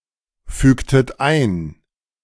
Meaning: inflection of einfügen: 1. second-person plural preterite 2. second-person plural subjunctive II
- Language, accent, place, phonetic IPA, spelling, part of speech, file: German, Germany, Berlin, [ˌfyːktət ˈaɪ̯n], fügtet ein, verb, De-fügtet ein.ogg